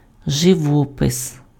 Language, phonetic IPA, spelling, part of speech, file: Ukrainian, [ʒeˈwɔpes], живопис, noun, Uk-живопис.ogg
- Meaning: 1. painting (artform involving the use of paint) 2. paintings, pictures